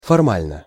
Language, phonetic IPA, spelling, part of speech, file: Russian, [fɐrˈmalʲnə], формально, adverb / adjective, Ru-формально.ogg
- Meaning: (adverb) 1. formally (in a formal manner) 2. technically; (adjective) short neuter singular of форма́льный (formálʹnyj)